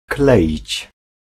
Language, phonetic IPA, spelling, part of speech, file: Polish, [ˈklɛʲit͡ɕ], kleić, verb, Pl-kleić.ogg